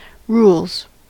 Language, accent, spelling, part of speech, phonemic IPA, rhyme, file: English, US, rules, noun / verb, /ˈɹulz/, -uːlz, En-us-rules.ogg
- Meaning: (noun) plural of rule; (verb) third-person singular simple present indicative of rule